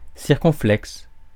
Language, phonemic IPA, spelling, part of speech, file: French, /siʁ.kɔ̃.flɛks/, circonflexe, adjective / noun, Fr-circonflexe.ogg
- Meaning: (adjective) circumflex; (noun) circumflex (diacritic)